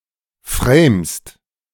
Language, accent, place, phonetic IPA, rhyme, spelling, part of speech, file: German, Germany, Berlin, [fʁeːmst], -eːmst, framst, verb, De-framst.ogg
- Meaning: second-person singular present of framen